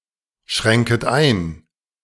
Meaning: second-person plural subjunctive I of einschränken
- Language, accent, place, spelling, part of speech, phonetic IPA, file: German, Germany, Berlin, schränket ein, verb, [ˌʃʁɛŋkət ˈaɪ̯n], De-schränket ein.ogg